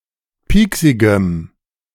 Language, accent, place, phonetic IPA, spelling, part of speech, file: German, Germany, Berlin, [ˈpiːksɪɡəm], pieksigem, adjective, De-pieksigem.ogg
- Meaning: strong dative masculine/neuter singular of pieksig